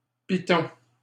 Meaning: 1. nail (metal object) 2. spike, pick (especially for mountaineering)
- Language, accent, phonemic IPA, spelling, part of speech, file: French, Canada, /pi.tɔ̃/, piton, noun, LL-Q150 (fra)-piton.wav